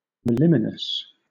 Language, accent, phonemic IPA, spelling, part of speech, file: English, Southern England, /mə(ʊ)ˈlɪmɪnəs/, moliminous, adjective, LL-Q1860 (eng)-moliminous.wav
- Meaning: 1. Momentous, weighty 2. Laborious, involving or exerting great effort; arduous